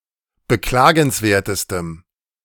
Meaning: strong dative masculine/neuter singular superlative degree of beklagenswert
- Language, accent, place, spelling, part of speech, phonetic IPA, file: German, Germany, Berlin, beklagenswertestem, adjective, [bəˈklaːɡn̩sˌveːɐ̯təstəm], De-beklagenswertestem.ogg